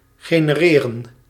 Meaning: to generate
- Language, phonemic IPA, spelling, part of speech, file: Dutch, /ɣeːnəˈreːrə(n)/, genereren, verb, Nl-genereren.ogg